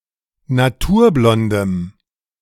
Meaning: strong dative masculine/neuter singular of naturblond
- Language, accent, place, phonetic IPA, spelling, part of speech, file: German, Germany, Berlin, [naˈtuːɐ̯ˌblɔndəm], naturblondem, adjective, De-naturblondem.ogg